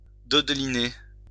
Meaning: 1. to cradle, rock (e.g. a baby, in one's arms) 2. to sway, shake (e.g. a body part)
- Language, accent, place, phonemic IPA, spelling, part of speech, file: French, France, Lyon, /dɔd.li.ne/, dodeliner, verb, LL-Q150 (fra)-dodeliner.wav